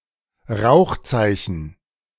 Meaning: smoke signal
- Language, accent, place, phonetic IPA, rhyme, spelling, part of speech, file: German, Germany, Berlin, [ˈʁaʊ̯xˌt͡saɪ̯çn̩], -aʊ̯xt͡saɪ̯çn̩, Rauchzeichen, noun, De-Rauchzeichen.ogg